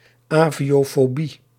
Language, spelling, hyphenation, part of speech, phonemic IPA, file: Dutch, aviofobie, avio‧fo‧bie, noun, /ˌaː.vi.oː.foːˈbi/, Nl-aviofobie.ogg
- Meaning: fear of flying, aviophobia